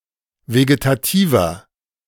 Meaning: inflection of vegetativ: 1. strong/mixed nominative masculine singular 2. strong genitive/dative feminine singular 3. strong genitive plural
- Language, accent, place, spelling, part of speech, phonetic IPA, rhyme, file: German, Germany, Berlin, vegetativer, adjective, [veɡetaˈtiːvɐ], -iːvɐ, De-vegetativer.ogg